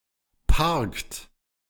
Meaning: inflection of parken: 1. third-person singular present 2. second-person plural present 3. plural imperative
- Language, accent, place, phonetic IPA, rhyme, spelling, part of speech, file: German, Germany, Berlin, [paʁkt], -aʁkt, parkt, verb, De-parkt.ogg